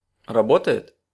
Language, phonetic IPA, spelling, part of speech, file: Russian, [rɐˈbotə(j)ɪt], работает, verb, Ru-работает.ogg
- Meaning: third-person singular present indicative imperfective of рабо́тать (rabótatʹ)